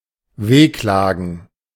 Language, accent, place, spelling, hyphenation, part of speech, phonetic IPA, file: German, Germany, Berlin, wehklagen, weh‧kla‧gen, verb, [ˈveːˌklaːɡn̩], De-wehklagen.ogg
- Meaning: to wail